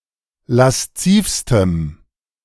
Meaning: strong dative masculine/neuter singular superlative degree of lasziv
- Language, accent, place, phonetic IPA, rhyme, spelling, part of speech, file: German, Germany, Berlin, [lasˈt͡siːfstəm], -iːfstəm, laszivstem, adjective, De-laszivstem.ogg